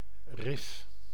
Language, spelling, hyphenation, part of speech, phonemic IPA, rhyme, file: Dutch, rif, rif, noun, /rɪf/, -ɪf, Nl-rif.ogg
- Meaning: reef: 1. a chain or range of rocks lying at or near the surface of the water 2. an arrangement to reduce the area of a sail in a high wind